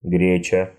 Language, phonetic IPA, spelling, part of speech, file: Russian, [ˈɡrʲet͡ɕə], греча, noun, Ru-гре́ча.ogg
- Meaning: local variation of гре́чка (gréčka, “buckwheat”)